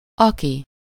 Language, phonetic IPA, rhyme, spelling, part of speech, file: Hungarian, [ˈɒki], -ki, aki, pronoun, Hu-aki.ogg
- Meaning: who